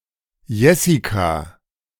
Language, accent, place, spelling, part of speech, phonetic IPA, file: German, Germany, Berlin, Jessica, proper noun, [ˈjɛsika], De-Jessica.ogg
- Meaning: a female given name